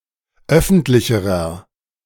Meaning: inflection of öffentlich: 1. strong/mixed nominative masculine singular comparative degree 2. strong genitive/dative feminine singular comparative degree 3. strong genitive plural comparative degree
- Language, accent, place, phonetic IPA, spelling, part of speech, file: German, Germany, Berlin, [ˈœfn̩tlɪçəʁɐ], öffentlicherer, adjective, De-öffentlicherer.ogg